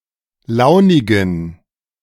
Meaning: inflection of launig: 1. strong genitive masculine/neuter singular 2. weak/mixed genitive/dative all-gender singular 3. strong/weak/mixed accusative masculine singular 4. strong dative plural
- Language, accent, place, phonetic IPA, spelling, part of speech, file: German, Germany, Berlin, [ˈlaʊ̯nɪɡn̩], launigen, adjective, De-launigen.ogg